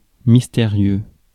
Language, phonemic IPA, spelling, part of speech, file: French, /mis.te.ʁjø/, mystérieux, adjective, Fr-mystérieux.ogg
- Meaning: mysterious